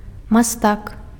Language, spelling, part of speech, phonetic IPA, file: Belarusian, мастак, noun, [maˈstak], Be-мастак.ogg
- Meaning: artist